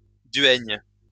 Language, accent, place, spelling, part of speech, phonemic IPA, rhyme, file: French, France, Lyon, duègne, noun, /dɥɛɲ/, -ɛɲ, LL-Q150 (fra)-duègne.wav
- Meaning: chaperone, duenna